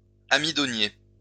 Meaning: emmer (Triticum turgidum)
- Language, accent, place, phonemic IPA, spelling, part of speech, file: French, France, Lyon, /a.mi.dɔ.nje/, amidonnier, noun, LL-Q150 (fra)-amidonnier.wav